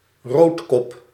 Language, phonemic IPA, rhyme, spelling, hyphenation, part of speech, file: Dutch, /ˈroːt.kɔp/, -oːtkɔp, roodkop, rood‧kop, noun, Nl-roodkop.ogg
- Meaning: synonym of tafeleend (“common pochard (Aythya ferina)”)